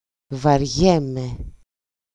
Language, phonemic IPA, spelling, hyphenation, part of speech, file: Greek, /varˈʝe.me/, βαριέμαι, βα‧ριέ‧μαι, verb, EL-βαριέμαι.ogg
- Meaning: to be bored, be tired